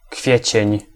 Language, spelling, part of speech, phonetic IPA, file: Polish, kwiecień, noun, [ˈkfʲjɛ̇t͡ɕɛ̇̃ɲ], Pl-kwiecień.ogg